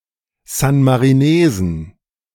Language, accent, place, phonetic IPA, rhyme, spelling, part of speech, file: German, Germany, Berlin, [ˌzanmaʁiˈneːzn̩], -eːzn̩, San-Marinesen, noun, De-San-Marinesen.ogg
- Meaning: plural of San-Marinese